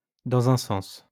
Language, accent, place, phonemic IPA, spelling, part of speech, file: French, France, Lyon, /dɑ̃.z‿œ̃ sɑ̃s/, dans un sens, adverb, LL-Q150 (fra)-dans un sens.wav
- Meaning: in a way, in a sense